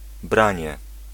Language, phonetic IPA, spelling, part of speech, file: Polish, [ˈbrãɲɛ], branie, noun, Pl-branie.ogg